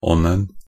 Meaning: singular masculine definite form of -on
- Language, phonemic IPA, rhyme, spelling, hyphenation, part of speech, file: Norwegian Bokmål, /ˈɔnən/, -ən, -onen, -on‧en, suffix, Nb--onen2.ogg